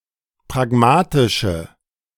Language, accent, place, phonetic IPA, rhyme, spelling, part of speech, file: German, Germany, Berlin, [pʁaˈɡmaːtɪʃə], -aːtɪʃə, pragmatische, adjective, De-pragmatische.ogg
- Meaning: inflection of pragmatisch: 1. strong/mixed nominative/accusative feminine singular 2. strong nominative/accusative plural 3. weak nominative all-gender singular